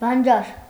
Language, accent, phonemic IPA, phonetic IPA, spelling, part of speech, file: Armenian, Eastern Armenian, /bɑnˈd͡ʒɑɾ/, [bɑnd͡ʒɑ́ɾ], բանջար, noun, Hy-բանջար.ogg
- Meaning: 1. edible greens, vegetable 2. the name of various plants